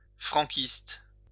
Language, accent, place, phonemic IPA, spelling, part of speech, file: French, France, Lyon, /fʁɑ̃.kist/, franquiste, adjective, LL-Q150 (fra)-franquiste.wav
- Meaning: Francoist